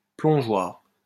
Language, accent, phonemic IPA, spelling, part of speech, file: French, France, /plɔ̃.ʒwaʁ/, plongeoir, noun, LL-Q150 (fra)-plongeoir.wav
- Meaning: diving board, springboard (diving board consisting of a flexible, springy, cantilevered platform, used for diving into water)